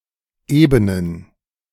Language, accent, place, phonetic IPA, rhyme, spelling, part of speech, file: German, Germany, Berlin, [ˈeːbənən], -eːbənən, ebenen, adjective, De-ebenen.ogg
- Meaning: inflection of eben: 1. strong genitive masculine/neuter singular 2. weak/mixed genitive/dative all-gender singular 3. strong/weak/mixed accusative masculine singular 4. strong dative plural